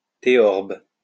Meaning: theorbo
- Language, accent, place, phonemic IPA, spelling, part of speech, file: French, France, Lyon, /te.ɔʁb/, théorbe, noun, LL-Q150 (fra)-théorbe.wav